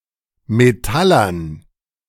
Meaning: dative plural of Metaller
- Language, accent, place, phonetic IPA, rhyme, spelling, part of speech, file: German, Germany, Berlin, [meˈtalɐn], -alɐn, Metallern, noun, De-Metallern.ogg